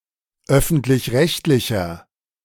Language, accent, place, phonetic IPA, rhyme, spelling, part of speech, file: German, Germany, Berlin, [ˈœfn̩tlɪçˈʁɛçtlɪçɐ], -ɛçtlɪçɐ, öffentlich-rechtlicher, adjective, De-öffentlich-rechtlicher.ogg
- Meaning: inflection of öffentlich-rechtlich: 1. strong/mixed nominative masculine singular 2. strong genitive/dative feminine singular 3. strong genitive plural